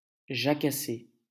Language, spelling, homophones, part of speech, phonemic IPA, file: French, jacasser, jacassai / jacassé / jacassez, verb, /ʒa.ka.se/, LL-Q150 (fra)-jacasser.wav
- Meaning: 1. to caw 2. to chatter, to gossip, to jabber